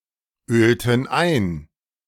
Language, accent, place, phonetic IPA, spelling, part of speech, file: German, Germany, Berlin, [ˌøːltn̩ ˈaɪ̯n], ölten ein, verb, De-ölten ein.ogg
- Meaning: inflection of einölen: 1. first/third-person plural preterite 2. first/third-person plural subjunctive II